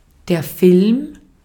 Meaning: 1. film (a thin layer of some substance) 2. photographic film 3. motion picture
- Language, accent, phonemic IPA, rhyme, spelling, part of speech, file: German, Austria, /ˈfɪlm/, -ɪlm, Film, noun, De-at-Film.ogg